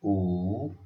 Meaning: The sixth character in the Odia abugida
- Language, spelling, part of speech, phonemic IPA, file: Odia, ଊ, character, /u/, Or-ଊ.oga